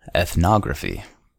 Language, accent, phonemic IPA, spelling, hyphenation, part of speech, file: English, US, /ɛθˈnɑɡɹəfi/, ethnography, eth‧nog‧ra‧phy, noun, En-us-ethnography.ogg
- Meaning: 1. The branch of anthropology that scientifically describes specific human cultures and societies 2. An ethnographic work